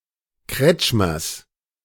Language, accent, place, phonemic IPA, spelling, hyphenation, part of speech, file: German, Germany, Berlin, /ˈkʁɛt͡ʃmɐs/, Kretschmers, Kretsch‧mers, noun, De-Kretschmers.ogg
- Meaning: genitive singular of Kretschmer